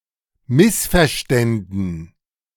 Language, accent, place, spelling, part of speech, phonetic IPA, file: German, Germany, Berlin, missverständen, verb, [ˈmɪsfɛɐ̯ˌʃtɛndn̩], De-missverständen.ogg
- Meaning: first/third-person plural subjunctive II of missverstehen